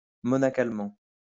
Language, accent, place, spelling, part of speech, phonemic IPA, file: French, France, Lyon, monacalement, adverb, /mɔ.na.kal.mɑ̃/, LL-Q150 (fra)-monacalement.wav
- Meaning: monastically